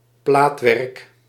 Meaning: 1. bodywork, exterior of a vehicle 2. engraving 3. campshedding
- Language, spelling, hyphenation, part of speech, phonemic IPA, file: Dutch, plaatwerk, plaat‧werk, noun, /ˈplaːt.ʋɛrk/, Nl-plaatwerk.ogg